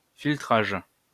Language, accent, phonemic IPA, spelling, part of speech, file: French, France, /fil.tʁaʒ/, filtrage, noun, LL-Q150 (fra)-filtrage.wav
- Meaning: filtering